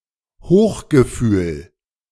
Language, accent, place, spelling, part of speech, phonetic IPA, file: German, Germany, Berlin, Hochgefühl, noun, [ˈhoːxɡəˌfyːl], De-Hochgefühl.ogg
- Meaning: elation, exhilaration